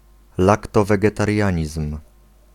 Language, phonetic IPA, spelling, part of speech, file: Polish, [ˌlaktɔvɛɡɛtarʲˈjä̃ɲism̥], laktowegetarianizm, noun, Pl-laktowegetarianizm.ogg